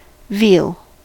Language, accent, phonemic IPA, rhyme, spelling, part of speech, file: English, US, /viːl/, -iːl, veal, noun / verb, En-us-veal.ogg
- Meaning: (noun) 1. The flesh of a calf (i.e. a young bovine) used for food 2. The female genitalia; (verb) To raise a calf for meat production